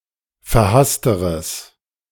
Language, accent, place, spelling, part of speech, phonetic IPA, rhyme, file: German, Germany, Berlin, verhassteres, adjective, [fɛɐ̯ˈhastəʁəs], -astəʁəs, De-verhassteres.ogg
- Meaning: strong/mixed nominative/accusative neuter singular comparative degree of verhasst